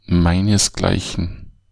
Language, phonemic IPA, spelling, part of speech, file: German, /ˈmaɪ̯nəsˌɡlaɪ̯çn̩/, meinesgleichen, pronoun, De-meinesgleichen.ogg
- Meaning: the likes of me